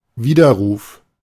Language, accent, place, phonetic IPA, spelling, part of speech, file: German, Germany, Berlin, [ˈviːdɐˌʁuːf], Widerruf, noun, De-Widerruf.ogg
- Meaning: revocation, cancellation